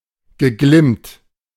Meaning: past participle of glimmen
- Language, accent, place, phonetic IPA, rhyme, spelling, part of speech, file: German, Germany, Berlin, [ɡəˈɡlɪmt], -ɪmt, geglimmt, verb, De-geglimmt.ogg